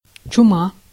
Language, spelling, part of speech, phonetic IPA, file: Russian, чума, noun, [t͡ɕʊˈma], Ru-чума.ogg
- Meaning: 1. plague, pestilence 2. the plague, the Black Death